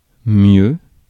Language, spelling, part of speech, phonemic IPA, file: French, mieux, adverb / noun, /mjø/, Fr-mieux.ogg
- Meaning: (adverb) 1. comparative degree of bien; better 2. superlative degree of bien; best 3. more, -er; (noun) the best of one's ability, one's best